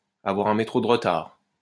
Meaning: 1. to be running late 2. to be slow to catch on, to lag behind
- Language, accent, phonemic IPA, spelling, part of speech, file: French, France, /a.vwaʁ œ̃ me.tʁo də ʁ(ə).taʁ/, avoir un métro de retard, verb, LL-Q150 (fra)-avoir un métro de retard.wav